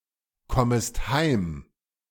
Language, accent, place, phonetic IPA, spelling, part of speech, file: German, Germany, Berlin, [ˌkɔməst ˈhaɪ̯m], kommest heim, verb, De-kommest heim.ogg
- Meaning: second-person singular subjunctive I of heimkommen